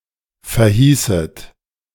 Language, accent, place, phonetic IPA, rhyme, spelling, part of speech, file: German, Germany, Berlin, [fɛɐ̯ˈhiːsət], -iːsət, verhießet, verb, De-verhießet.ogg
- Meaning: second-person plural subjunctive II of verheißen